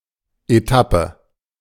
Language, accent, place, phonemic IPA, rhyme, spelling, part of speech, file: German, Germany, Berlin, /eˈtapə/, -apə, Etappe, noun, De-Etappe.ogg
- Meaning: 1. stage, leg (of a journey or development, also (sports) of a cycle race or rally) 2. rear, areas away from the front used for logistics and building up troops